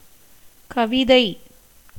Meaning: 1. poem, verse 2. poetry
- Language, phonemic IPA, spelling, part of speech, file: Tamil, /kɐʋɪd̪ɐɪ̯/, கவிதை, noun, Ta-கவிதை.ogg